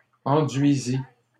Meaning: third-person singular past historic of enduire
- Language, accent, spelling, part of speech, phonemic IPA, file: French, Canada, enduisit, verb, /ɑ̃.dɥi.zi/, LL-Q150 (fra)-enduisit.wav